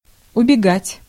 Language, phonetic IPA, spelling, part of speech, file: Russian, [ʊbʲɪˈɡatʲ], убегать, verb, Ru-убегать.ogg
- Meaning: 1. to run away, to make off, to flee 2. to escape 3. to boil over (of liquid)